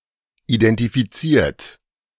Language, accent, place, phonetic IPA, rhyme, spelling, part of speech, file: German, Germany, Berlin, [idɛntifiˈt͡siːɐ̯t], -iːɐ̯t, identifiziert, verb, De-identifiziert.ogg
- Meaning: 1. past participle of identifizieren 2. inflection of identifizieren: third-person singular present 3. inflection of identifizieren: second-person plural present